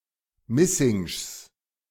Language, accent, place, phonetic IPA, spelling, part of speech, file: German, Germany, Berlin, [ˈmɪsɪŋʃs], Missingschs, noun, De-Missingschs.ogg
- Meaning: genitive singular of Missingsch